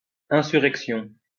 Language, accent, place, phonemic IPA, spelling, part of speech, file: French, France, Lyon, /ɛ̃.sy.ʁɛk.sjɔ̃/, insurrection, noun, LL-Q150 (fra)-insurrection.wav
- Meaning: insurgency, insurrection